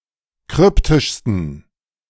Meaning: 1. superlative degree of kryptisch 2. inflection of kryptisch: strong genitive masculine/neuter singular superlative degree
- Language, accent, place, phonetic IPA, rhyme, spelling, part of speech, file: German, Germany, Berlin, [ˈkʁʏptɪʃstn̩], -ʏptɪʃstn̩, kryptischsten, adjective, De-kryptischsten.ogg